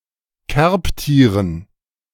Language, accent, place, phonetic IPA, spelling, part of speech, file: German, Germany, Berlin, [ˈkɛʁpˌtiːʁən], Kerbtieren, noun, De-Kerbtieren.ogg
- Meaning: dative plural of Kerbtier